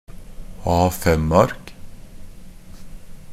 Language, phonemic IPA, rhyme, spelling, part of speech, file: Norwegian Bokmål, /ˈɑːfɛmark/, -ark, A5-ark, noun, NB - Pronunciation of Norwegian Bokmål «A5-ark».ogg
- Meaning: A piece of paper in the standard A5 format